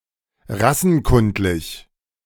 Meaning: racialist, racial-scientific
- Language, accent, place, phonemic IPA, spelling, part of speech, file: German, Germany, Berlin, /ˈʁasn̩ˌkʊndlɪç/, rassenkundlich, adjective, De-rassenkundlich.ogg